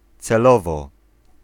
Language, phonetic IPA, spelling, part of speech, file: Polish, [t͡sɛˈlɔvɔ], celowo, adverb, Pl-celowo.ogg